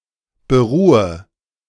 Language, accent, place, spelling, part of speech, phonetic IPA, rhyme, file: German, Germany, Berlin, beruhe, verb, [bəˈʁuːə], -uːə, De-beruhe.ogg
- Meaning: inflection of beruhen: 1. first-person singular present 2. first/third-person singular subjunctive I 3. singular imperative